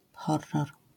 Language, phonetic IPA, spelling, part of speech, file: Polish, [ˈxɔrːɔr], horror, noun, LL-Q809 (pol)-horror.wav